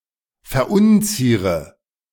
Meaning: inflection of verunzieren: 1. first-person singular present 2. first/third-person singular subjunctive I 3. singular imperative
- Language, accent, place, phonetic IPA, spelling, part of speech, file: German, Germany, Berlin, [fɛɐ̯ˈʔʊnˌt͡siːʁə], verunziere, verb, De-verunziere.ogg